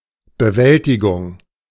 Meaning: coping, handling, mastering
- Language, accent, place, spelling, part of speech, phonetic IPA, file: German, Germany, Berlin, Bewältigung, noun, [bəˈvɛltɪɡʊŋ], De-Bewältigung.ogg